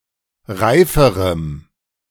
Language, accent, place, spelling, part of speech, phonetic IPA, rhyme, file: German, Germany, Berlin, reiferem, adjective, [ˈʁaɪ̯fəʁəm], -aɪ̯fəʁəm, De-reiferem.ogg
- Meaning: strong dative masculine/neuter singular comparative degree of reif